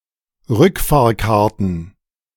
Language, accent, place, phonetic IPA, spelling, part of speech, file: German, Germany, Berlin, [ˈʁʏkfaːɐ̯ˌkaʁtn̩], Rückfahrkarten, noun, De-Rückfahrkarten.ogg
- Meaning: plural of Rückfahrkarte